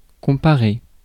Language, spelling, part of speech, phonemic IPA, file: French, comparer, verb, /kɔ̃.pa.ʁe/, Fr-comparer.ogg
- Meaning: to compare